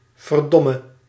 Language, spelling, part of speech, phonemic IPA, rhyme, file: Dutch, verdomme, interjection / verb, /vərˈdɔ.mə/, -ɔmə, Nl-verdomme.ogg
- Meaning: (interjection) dammit; clipping of godverdomme (“goddammit”); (verb) singular present subjunctive of verdommen